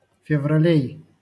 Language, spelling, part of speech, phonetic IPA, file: Russian, февралей, noun, [fʲɪvrɐˈlʲej], LL-Q7737 (rus)-февралей.wav
- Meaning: genitive plural of февра́ль (fevrálʹ)